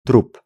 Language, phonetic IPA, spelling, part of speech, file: Polish, [trup], trup, noun, Pl-trup.ogg